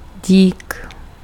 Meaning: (noun) thanks
- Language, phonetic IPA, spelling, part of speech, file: Czech, [ˈɟiːk], dík, noun / interjection, Cs-dík.ogg